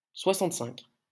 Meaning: sixty-five
- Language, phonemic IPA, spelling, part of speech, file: French, /swa.sɑ̃t.sɛ̃k/, soixante-cinq, numeral, LL-Q150 (fra)-soixante-cinq.wav